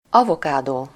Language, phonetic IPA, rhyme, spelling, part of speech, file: Hungarian, [ˈɒvokaːdoː], -doː, avokádó, noun, Hu-avokádó.ogg
- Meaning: 1. avocado (the avocado tree, Persea americana, of the laurel family) 2. avocado (the large, usually yellowish-green or black, savory fruit of the avocado tree)